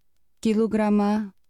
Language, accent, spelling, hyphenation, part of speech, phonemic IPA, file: Portuguese, Brazil, quilograma, qui‧lo‧gra‧ma, noun, /ki.loˈɡɾɐ̃.mɐ/, Pt quilograma.ogg
- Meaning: kilogram, SI unit of mass